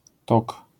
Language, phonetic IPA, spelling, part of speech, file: Polish, [tɔk], tok, noun, LL-Q809 (pol)-tok.wav